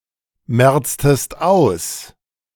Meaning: inflection of ausmerzen: 1. second-person singular preterite 2. second-person singular subjunctive II
- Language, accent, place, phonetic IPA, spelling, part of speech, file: German, Germany, Berlin, [ˌmɛʁt͡stəst ˈaʊ̯s], merztest aus, verb, De-merztest aus.ogg